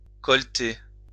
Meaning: 1. to wrap round the collar 2. to collar (grab by the collar)
- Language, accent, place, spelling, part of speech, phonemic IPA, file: French, France, Lyon, colleter, verb, /kɔl.te/, LL-Q150 (fra)-colleter.wav